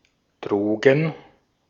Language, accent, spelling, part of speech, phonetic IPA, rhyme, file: German, Austria, Drogen, noun, [ˈdʁoːɡn̩], -oːɡn̩, De-at-Drogen.ogg
- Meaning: drugs